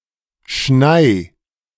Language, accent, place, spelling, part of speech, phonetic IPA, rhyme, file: German, Germany, Berlin, schnei, verb, [ʃnaɪ̯], -aɪ̯, De-schnei.ogg
- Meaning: 1. singular imperative of schneien 2. first-person singular present of schneien